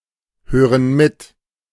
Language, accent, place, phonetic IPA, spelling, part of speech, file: German, Germany, Berlin, [ˌhøːʁən ˈmɪt], hören mit, verb, De-hören mit.ogg
- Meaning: inflection of mithören: 1. first/third-person plural present 2. first/third-person plural subjunctive I